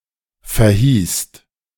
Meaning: second-person singular/plural preterite of verheißen
- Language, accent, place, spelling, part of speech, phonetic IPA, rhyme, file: German, Germany, Berlin, verhießt, verb, [fɛɐ̯ˈhiːst], -iːst, De-verhießt.ogg